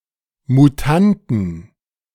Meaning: 1. plural of Mutant; mutants 2. plural of Mutante
- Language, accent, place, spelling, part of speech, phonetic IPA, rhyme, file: German, Germany, Berlin, Mutanten, noun, [muˈtantn̩], -antn̩, De-Mutanten.ogg